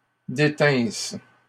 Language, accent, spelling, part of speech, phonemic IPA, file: French, Canada, détinsses, verb, /de.tɛ̃s/, LL-Q150 (fra)-détinsses.wav
- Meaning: second-person singular imperfect subjunctive of détenir